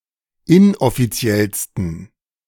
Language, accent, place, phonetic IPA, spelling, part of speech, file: German, Germany, Berlin, [ˈɪnʔɔfiˌt͡si̯ɛlstn̩], inoffiziellsten, adjective, De-inoffiziellsten.ogg
- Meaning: 1. superlative degree of inoffiziell 2. inflection of inoffiziell: strong genitive masculine/neuter singular superlative degree